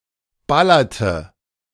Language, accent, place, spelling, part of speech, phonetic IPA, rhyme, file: German, Germany, Berlin, ballerte, verb, [ˈbalɐtə], -alɐtə, De-ballerte.ogg
- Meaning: inflection of ballern: 1. first/third-person singular preterite 2. first/third-person singular subjunctive II